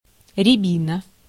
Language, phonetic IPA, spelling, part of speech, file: Russian, [rʲɪˈbʲinə], рябина, noun, Ru-рябина.ogg
- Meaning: 1. mountain ash, rowan 2. rowanberry